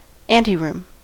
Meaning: A room before, or forming an entrance to, another; a waiting room
- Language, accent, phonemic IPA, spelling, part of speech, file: English, US, /ˈæn.ti.ɹʊm/, anteroom, noun, En-us-anteroom.ogg